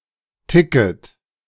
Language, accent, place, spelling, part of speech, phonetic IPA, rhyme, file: German, Germany, Berlin, Ticket, noun, [ˈtɪkət], -ɪkət, De-Ticket.ogg
- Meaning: ticket